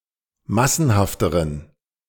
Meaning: inflection of massenhaft: 1. strong genitive masculine/neuter singular comparative degree 2. weak/mixed genitive/dative all-gender singular comparative degree
- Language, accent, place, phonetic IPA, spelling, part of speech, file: German, Germany, Berlin, [ˈmasn̩haftəʁən], massenhafteren, adjective, De-massenhafteren.ogg